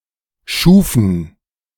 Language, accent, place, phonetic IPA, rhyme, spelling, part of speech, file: German, Germany, Berlin, [ˈʃuːfn̩], -uːfn̩, schufen, verb, De-schufen.ogg
- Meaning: first/third-person plural preterite of schaffen